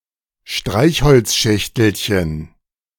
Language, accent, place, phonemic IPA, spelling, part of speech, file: German, Germany, Berlin, /ˈʃtʁaɪ̯ç.hɔl(t)sˌʃɛç.təl.çən/, Streichholzschächtelchen, noun, De-Streichholzschächtelchen2.ogg
- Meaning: diminutive of Streichholzschachtel (“matchbox”)